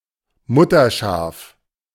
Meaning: 1. a ewe (female sheep) that has a lamb 2. a ewe in general
- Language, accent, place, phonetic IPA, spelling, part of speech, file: German, Germany, Berlin, [ˈmʊtɐˌʃaːf], Mutterschaf, noun, De-Mutterschaf.ogg